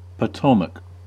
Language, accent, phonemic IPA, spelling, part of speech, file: English, US, /pəˈtoʊmək/, Potomac, proper noun, En-us-Potomac.ogg
- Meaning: A river that flows along the borders of Maryland, Virginia and West Virginia, and through Washington, United States